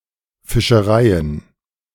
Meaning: plural of Fischerei
- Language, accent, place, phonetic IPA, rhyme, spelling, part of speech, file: German, Germany, Berlin, [fɪʃəˈʁaɪ̯ən], -aɪ̯ən, Fischereien, noun, De-Fischereien.ogg